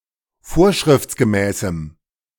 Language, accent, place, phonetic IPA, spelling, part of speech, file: German, Germany, Berlin, [ˈfoːɐ̯ʃʁɪft͡sɡəˌmɛːsm̩], vorschriftsgemäßem, adjective, De-vorschriftsgemäßem.ogg
- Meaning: strong dative masculine/neuter singular of vorschriftsgemäß